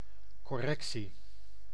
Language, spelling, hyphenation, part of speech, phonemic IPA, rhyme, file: Dutch, correctie, cor‧rec‧tie, noun, /ˌkɔˈrɛk.si/, -ɛksi, Nl-correctie.ogg
- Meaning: 1. a correction, rectification 2. the action or process of correcting 3. a punishment, sanction 4. a penal facility, notably a military stockade; house of correction